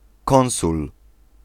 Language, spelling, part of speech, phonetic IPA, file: Polish, konsul, noun, [ˈkɔ̃w̃sul], Pl-konsul.ogg